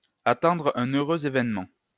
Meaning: to be pregnant
- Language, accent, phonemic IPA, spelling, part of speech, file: French, France, /a.tɑ̃.dʁ‿œ̃.n‿œ.ʁø.z‿e.vɛn.mɑ̃/, attendre un heureux événement, verb, LL-Q150 (fra)-attendre un heureux événement.wav